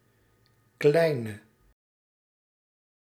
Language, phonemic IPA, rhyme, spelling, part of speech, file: Dutch, /ˈklɛi̯nə/, -ɛi̯nə, kleine, adjective, Nl-kleine.ogg
- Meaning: inflection of klein: 1. masculine/feminine singular attributive 2. definite neuter singular attributive 3. plural attributive